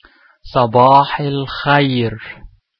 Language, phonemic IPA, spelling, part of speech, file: Arabic, /sˤa.baːħ al.xajr/, صباح الخير, interjection, Ṣabāḥ al-kháyr2.ogg
- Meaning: good morning